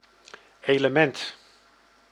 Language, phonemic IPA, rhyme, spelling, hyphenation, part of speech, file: Dutch, /ˌeː.ləˈmɛnt/, -ɛnt, element, ele‧ment, noun, Nl-element.ogg
- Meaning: element